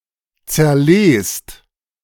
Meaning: inflection of zerlesen: 1. second-person plural present 2. plural imperative
- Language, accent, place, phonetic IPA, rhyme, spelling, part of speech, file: German, Germany, Berlin, [t͡sɛɐ̯ˈleːst], -eːst, zerlest, verb, De-zerlest.ogg